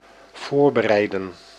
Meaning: to prepare
- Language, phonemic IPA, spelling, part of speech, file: Dutch, /ˈvoːr.bəˌrɛi̯.də(n)/, voorbereiden, verb, Nl-voorbereiden.ogg